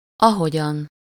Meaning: as (often paired with úgy or ugyanúgy)
- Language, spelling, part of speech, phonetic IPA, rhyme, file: Hungarian, ahogyan, adverb, [ˈɒɦoɟɒn], -ɒn, Hu-ahogyan.ogg